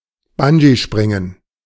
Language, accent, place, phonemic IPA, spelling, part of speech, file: German, Germany, Berlin, /ˈband͡ʒiˌʃpʁɪŋən/, Bungeespringen, noun, De-Bungeespringen.ogg
- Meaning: bungee jumping